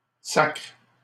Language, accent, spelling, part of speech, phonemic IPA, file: French, Canada, sacre, noun / verb, /sakʁ/, LL-Q150 (fra)-sacre.wav
- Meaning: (noun) 1. coronation 2. swear word, curse; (verb) inflection of sacrer: 1. first/third-person singular present indicative/subjunctive 2. second-person singular imperative